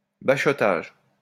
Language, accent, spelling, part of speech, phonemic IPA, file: French, France, bachotage, noun, /ba.ʃɔ.taʒ/, LL-Q150 (fra)-bachotage.wav
- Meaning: 1. piloting a ferry 2. cramming (for an exam)